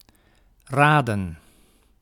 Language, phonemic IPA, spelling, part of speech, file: Dutch, /ˈraːdə(n)/, raden, verb / noun, Nl-raden.ogg
- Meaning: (verb) 1. to guess 2. to advise; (noun) 1. plural of raad 2. plural of rad